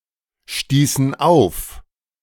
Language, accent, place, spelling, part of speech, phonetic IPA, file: German, Germany, Berlin, stießen auf, verb, [ˌʃtiːsn̩ ˈaʊ̯f], De-stießen auf.ogg
- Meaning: inflection of aufstoßen: 1. first/third-person plural preterite 2. first/third-person plural subjunctive II